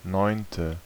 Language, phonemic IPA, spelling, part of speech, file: German, /nɔɪ̯ntə/, neunte, adjective, De-neunte.ogg
- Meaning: ninth